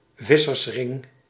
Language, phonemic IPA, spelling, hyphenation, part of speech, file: Dutch, /ˈvɪsərsˌrɪŋ/, vissersring, vis‧sers‧ring, noun, Nl-vissersring.ogg
- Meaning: piscatory ring